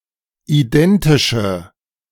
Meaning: inflection of identisch: 1. strong/mixed nominative/accusative feminine singular 2. strong nominative/accusative plural 3. weak nominative all-gender singular
- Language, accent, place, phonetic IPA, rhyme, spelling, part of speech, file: German, Germany, Berlin, [iˈdɛntɪʃə], -ɛntɪʃə, identische, adjective, De-identische.ogg